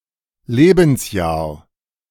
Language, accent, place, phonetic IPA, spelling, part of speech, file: German, Germany, Berlin, [ˈleːbn̩sˌjaːɐ̯], Lebensjahr, noun, De-Lebensjahr.ogg
- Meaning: 1. year of one's life 2. at the age of